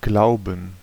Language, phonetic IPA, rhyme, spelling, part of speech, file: German, [ˈɡlaʊ̯bn̩], -aʊ̯bn̩, glauben, verb, De-glauben.ogg